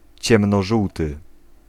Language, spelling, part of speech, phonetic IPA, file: Polish, ciemnożółty, adjective, [ˌt͡ɕɛ̃mnɔˈʒuwtɨ], Pl-ciemnożółty.ogg